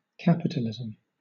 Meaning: A socio-economic system based on private ownership of resources, and capital and their exploitation for profit
- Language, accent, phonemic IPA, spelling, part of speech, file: English, Southern England, /ˈkapɪt(ə)lɪz(ə)m/, capitalism, noun, LL-Q1860 (eng)-capitalism.wav